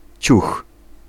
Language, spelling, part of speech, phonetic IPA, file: Polish, ciuch, noun / interjection, [t͡ɕux], Pl-ciuch.ogg